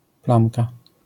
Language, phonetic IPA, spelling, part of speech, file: Polish, [ˈplãmka], plamka, noun, LL-Q809 (pol)-plamka.wav